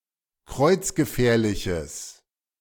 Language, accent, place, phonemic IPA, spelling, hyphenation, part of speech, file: German, Germany, Berlin, /ˈkʁɔɪ̯t͡s̯ɡəˌfɛːɐ̯lɪçəs/, kreuzgefährliches, kreuz‧ge‧fähr‧li‧ches, adjective, De-kreuzgefährliches.ogg
- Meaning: strong/mixed nominative/accusative neuter singular of kreuzgefährlich